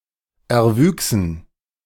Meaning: first-person plural subjunctive II of erwachsen
- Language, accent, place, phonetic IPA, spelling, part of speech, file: German, Germany, Berlin, [ɛɐ̯ˈvyːksn̩], erwüchsen, verb, De-erwüchsen.ogg